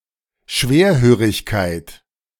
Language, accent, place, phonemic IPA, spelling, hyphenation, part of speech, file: German, Germany, Berlin, /ˈʃveːɐ̯høːʁɪçkaɪ̯t/, Schwerhörigkeit, Schwer‧hö‧rig‧keit, noun, De-Schwerhörigkeit.ogg
- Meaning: hardness of hearing, hearing loss, deafness